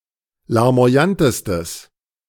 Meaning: strong/mixed nominative/accusative neuter singular superlative degree of larmoyant
- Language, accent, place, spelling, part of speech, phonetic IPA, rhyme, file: German, Germany, Berlin, larmoyantestes, adjective, [laʁmo̯aˈjantəstəs], -antəstəs, De-larmoyantestes.ogg